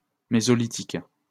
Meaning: Mesolithic
- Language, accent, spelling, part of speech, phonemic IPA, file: French, France, mésolithique, adjective, /me.zɔ.li.tik/, LL-Q150 (fra)-mésolithique.wav